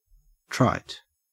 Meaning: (adjective) 1. used so many times that it is commonplace, or no longer interesting or effective; worn out, hackneyed 2. So well established as to be beyond debate: trite law
- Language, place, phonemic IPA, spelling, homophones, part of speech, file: English, Queensland, /tɹɑet/, trite, tryte, adjective / noun, En-au-trite.ogg